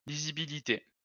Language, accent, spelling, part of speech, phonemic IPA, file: French, France, lisibilité, noun, /li.zi.bi.li.te/, LL-Q150 (fra)-lisibilité.wav
- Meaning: legibility; readability